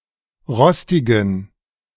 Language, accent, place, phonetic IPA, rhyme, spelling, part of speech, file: German, Germany, Berlin, [ˈʁɔstɪɡn̩], -ɔstɪɡn̩, rostigen, adjective, De-rostigen.ogg
- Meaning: inflection of rostig: 1. strong genitive masculine/neuter singular 2. weak/mixed genitive/dative all-gender singular 3. strong/weak/mixed accusative masculine singular 4. strong dative plural